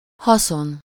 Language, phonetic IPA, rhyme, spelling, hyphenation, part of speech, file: Hungarian, [ˈhɒson], -on, haszon, ha‧szon, noun, Hu-haszon.ogg
- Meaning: 1. advantage, benefit, use, point (that which makes something meaningful) 2. profit, gain (total income or cash flow minus expenditures)